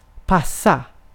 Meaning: 1. fit, suit; be suitable 2. fit; be of the right size and cut 3. pass (move the ball or puck to a teammate) 4. give, hand over 5. look after (pets or children)
- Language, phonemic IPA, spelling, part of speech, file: Swedish, /ˈpasˌa/, passa, verb, Sv-passa.ogg